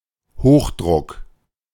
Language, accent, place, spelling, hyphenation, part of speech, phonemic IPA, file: German, Germany, Berlin, Hochdruck, Hoch‧druck, noun, /ˈhoːxˌdʁʊk/, De-Hochdruck.ogg
- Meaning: 1. high pressure 2. rush, hurry, full speed 3. letterpress print 4. something produced by letterpress printing